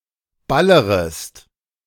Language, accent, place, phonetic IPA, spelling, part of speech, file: German, Germany, Berlin, [ˈbaləʁəst], ballerest, verb, De-ballerest.ogg
- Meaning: second-person singular subjunctive I of ballern